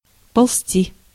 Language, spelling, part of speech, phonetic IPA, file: Russian, ползти, verb, [pɐɫˈs⁽ʲ⁾tʲi], Ru-ползти.ogg
- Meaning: 1. to creep, to crawl 2. to move slowly 3. to spread (of rumours) 4. to fray, to ravel out (of fabric) 5. to slip, to collapse (of soil)